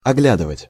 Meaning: to examine, to inspect, to look over
- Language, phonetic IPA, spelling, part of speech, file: Russian, [ɐˈɡlʲadɨvətʲ], оглядывать, verb, Ru-оглядывать.ogg